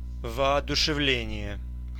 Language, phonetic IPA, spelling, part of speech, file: Russian, [vɐɐdʊʂɨˈvlʲenʲɪje], воодушевление, noun, Ru-воодушевление.ogg
- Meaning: ardour, enthusiasm, fervour; inspiration